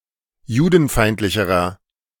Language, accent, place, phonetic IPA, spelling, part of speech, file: German, Germany, Berlin, [ˈjuːdn̩ˌfaɪ̯ntlɪçəʁɐ], judenfeindlicherer, adjective, De-judenfeindlicherer.ogg
- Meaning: inflection of judenfeindlich: 1. strong/mixed nominative masculine singular comparative degree 2. strong genitive/dative feminine singular comparative degree